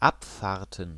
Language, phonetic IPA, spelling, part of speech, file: German, [ˈapˌfaːɐ̯tn̩], Abfahrten, noun, De-Abfahrten.ogg
- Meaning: plural of Abfahrt